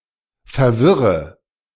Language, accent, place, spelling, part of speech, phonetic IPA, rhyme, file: German, Germany, Berlin, verwirre, verb, [fɛɐ̯ˈvɪʁə], -ɪʁə, De-verwirre.ogg
- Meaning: inflection of verwirren: 1. first-person singular present 2. singular imperative 3. first/third-person singular subjunctive I